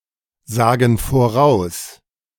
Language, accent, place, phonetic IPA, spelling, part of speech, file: German, Germany, Berlin, [ˌzaːɡn̩ foˈʁaʊ̯s], sagen voraus, verb, De-sagen voraus.ogg
- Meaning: inflection of voraussagen: 1. first/third-person plural present 2. first/third-person plural subjunctive I